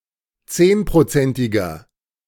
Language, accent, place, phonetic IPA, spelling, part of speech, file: German, Germany, Berlin, [ˈt͡seːnpʁoˌt͡sɛntɪɡɐ], zehnprozentiger, adjective, De-zehnprozentiger.ogg
- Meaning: inflection of zehnprozentig: 1. strong/mixed nominative masculine singular 2. strong genitive/dative feminine singular 3. strong genitive plural